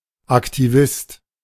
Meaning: 1. activist (one who is politically active) 2. a title awarded to a worker who accomplished achievements that went above and beyond standards and specifications
- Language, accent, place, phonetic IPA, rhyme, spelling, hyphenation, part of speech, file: German, Germany, Berlin, [aktiˈvɪst], -ɪst, Aktivist, Ak‧ti‧vist, noun, De-Aktivist.ogg